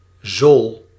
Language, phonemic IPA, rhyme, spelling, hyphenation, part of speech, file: Dutch, /zoːl/, -oːl, zool, zool, noun / verb, Nl-zool.ogg
- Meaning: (noun) a sole (of a foot or shoe); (verb) inflection of zolen: 1. first-person singular present indicative 2. second-person singular present indicative 3. imperative